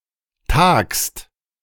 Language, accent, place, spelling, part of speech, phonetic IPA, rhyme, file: German, Germany, Berlin, tagst, verb, [taːkst], -aːkst, De-tagst.ogg
- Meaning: second-person singular present of tagen